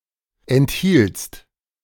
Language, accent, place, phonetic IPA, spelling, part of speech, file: German, Germany, Berlin, [ɛntˈhiːlt͡st], enthieltst, verb, De-enthieltst.ogg
- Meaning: second-person singular preterite of enthalten